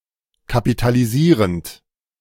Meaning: present participle of kapitalisieren
- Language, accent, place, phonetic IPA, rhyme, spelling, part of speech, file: German, Germany, Berlin, [kapitaliˈziːʁənt], -iːʁənt, kapitalisierend, verb, De-kapitalisierend.ogg